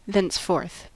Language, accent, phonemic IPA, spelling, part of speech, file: English, US, /ˌðɛnsˈfɔːɹθ/, thenceforth, adverb, En-us-thenceforth.ogg
- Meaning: From that time on